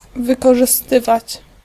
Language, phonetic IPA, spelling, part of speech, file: Polish, [ˌvɨkɔʒɨˈstɨvat͡ɕ], wykorzystywać, verb, Pl-wykorzystywać.ogg